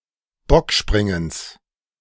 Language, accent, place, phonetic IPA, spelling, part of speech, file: German, Germany, Berlin, [ˈbɔkˌʃpʁɪŋəns], Bockspringens, noun, De-Bockspringens.ogg
- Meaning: genitive singular of Bockspringen